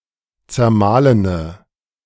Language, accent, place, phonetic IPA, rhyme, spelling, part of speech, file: German, Germany, Berlin, [t͡sɛɐ̯ˈmaːlənə], -aːlənə, zermahlene, adjective, De-zermahlene.ogg
- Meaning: inflection of zermahlen: 1. strong/mixed nominative/accusative feminine singular 2. strong nominative/accusative plural 3. weak nominative all-gender singular